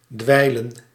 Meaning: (verb) to clean the floor using a floorcloth, e.g. with water and soap, or to dry with a floorcloth; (noun) plural of dweil
- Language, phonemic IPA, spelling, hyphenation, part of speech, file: Dutch, /ˈdʋɛi̯lə(n)/, dweilen, dwei‧len, verb / noun, Nl-dweilen.ogg